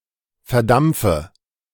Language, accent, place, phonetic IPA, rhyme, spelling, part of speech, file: German, Germany, Berlin, [fɛɐ̯ˈdamp͡fə], -amp͡fə, verdampfe, verb, De-verdampfe.ogg
- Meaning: inflection of verdampfen: 1. first-person singular present 2. first/third-person singular subjunctive I 3. singular imperative